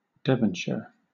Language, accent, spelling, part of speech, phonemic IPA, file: English, Southern England, Devonshire, proper noun, /ˈdɛv.ən.ʃə(ɹ)/, LL-Q1860 (eng)-Devonshire.wav
- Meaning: 1. A placename: Former name of Devon (“English county”) (until 1974) 2. A placename: An English dukedom and earldom 3. A habitational surname